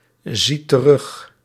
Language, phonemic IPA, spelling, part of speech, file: Dutch, /ˈzit t(ə)ˈrʏx/, ziet terug, verb, Nl-ziet terug.ogg
- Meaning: inflection of terugzien: 1. second/third-person singular present indicative 2. plural imperative